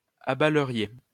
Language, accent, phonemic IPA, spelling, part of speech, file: French, France, /a.ba.lə.ʁje/, abaleriez, verb, LL-Q150 (fra)-abaleriez.wav
- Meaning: second-person plural conditional of abaler